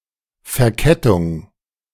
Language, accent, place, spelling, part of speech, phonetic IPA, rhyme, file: German, Germany, Berlin, Verkettung, noun, [fɛɐ̯ˈkɛtʊŋ], -ɛtʊŋ, De-Verkettung.ogg
- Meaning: 1. concatenation 2. nexus 3. interconnection, linkage